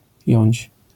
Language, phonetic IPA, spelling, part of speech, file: Polish, [jɔ̇̃ɲt͡ɕ], jąć, verb, LL-Q809 (pol)-jąć.wav